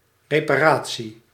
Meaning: repair
- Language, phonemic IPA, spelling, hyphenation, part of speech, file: Dutch, /ˌreː.paːˈraː.(t)si/, reparatie, re‧pa‧ra‧tie, noun, Nl-reparatie.ogg